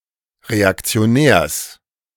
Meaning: genitive singular of Reaktionär
- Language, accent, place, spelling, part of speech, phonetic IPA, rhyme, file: German, Germany, Berlin, Reaktionärs, noun, [ʁeakt͡si̯oˈnɛːɐ̯s], -ɛːɐ̯s, De-Reaktionärs.ogg